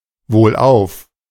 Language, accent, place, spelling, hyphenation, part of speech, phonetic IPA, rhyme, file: German, Germany, Berlin, wohlauf, wohl‧auf, adverb, [voːlˈʔaʊ̯f], -aʊ̯f, De-wohlauf.ogg
- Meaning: well, healthy